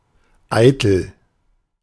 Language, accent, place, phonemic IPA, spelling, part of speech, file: German, Germany, Berlin, /ˈaɪ̯təl/, eitel, adjective, De-eitel.ogg
- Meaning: 1. vain (overly proud of oneself, especially one’s outer appearance) 2. vain; void; futile (having no value or effect) 3. genuine; pure 4. only; nothing but 5. empty